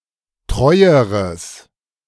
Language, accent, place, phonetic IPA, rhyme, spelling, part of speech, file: German, Germany, Berlin, [ˈtʁɔɪ̯əʁəs], -ɔɪ̯əʁəs, treueres, adjective, De-treueres.ogg
- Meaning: strong/mixed nominative/accusative neuter singular comparative degree of treu